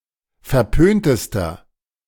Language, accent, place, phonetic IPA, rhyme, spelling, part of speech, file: German, Germany, Berlin, [fɛɐ̯ˈpøːntəstɐ], -øːntəstɐ, verpöntester, adjective, De-verpöntester.ogg
- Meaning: inflection of verpönt: 1. strong/mixed nominative masculine singular superlative degree 2. strong genitive/dative feminine singular superlative degree 3. strong genitive plural superlative degree